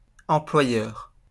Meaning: employer
- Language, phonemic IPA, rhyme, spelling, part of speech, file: French, /ɑ̃.plwa.jœʁ/, -jœʁ, employeur, noun, LL-Q150 (fra)-employeur.wav